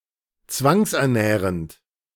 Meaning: present participle of zwangsernähren
- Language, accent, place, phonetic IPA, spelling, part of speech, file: German, Germany, Berlin, [ˈt͡svaŋsʔɛɐ̯ˌnɛːʁənt], zwangsernährend, verb, De-zwangsernährend.ogg